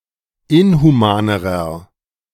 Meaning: inflection of inhuman: 1. strong/mixed nominative masculine singular comparative degree 2. strong genitive/dative feminine singular comparative degree 3. strong genitive plural comparative degree
- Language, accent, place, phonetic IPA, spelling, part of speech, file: German, Germany, Berlin, [ˈɪnhuˌmaːnəʁɐ], inhumanerer, adjective, De-inhumanerer.ogg